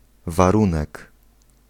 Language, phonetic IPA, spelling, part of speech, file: Polish, [vaˈrũnɛk], warunek, noun, Pl-warunek.ogg